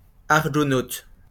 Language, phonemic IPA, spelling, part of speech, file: French, /aʁ.ɡɔ.not/, argonaute, noun, LL-Q150 (fra)-argonaute.wav
- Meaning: argonaut